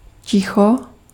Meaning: quiet, silence
- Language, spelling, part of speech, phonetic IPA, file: Czech, ticho, noun, [ˈcɪxo], Cs-ticho.ogg